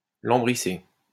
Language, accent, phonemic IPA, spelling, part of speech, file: French, France, /lɑ̃.bʁi.se/, lambrisser, verb, LL-Q150 (fra)-lambrisser.wav
- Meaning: to panel